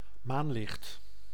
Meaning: moonlight
- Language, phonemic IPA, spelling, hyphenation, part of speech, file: Dutch, /ˈmanlɪxt/, maanlicht, maan‧licht, noun, Nl-maanlicht.ogg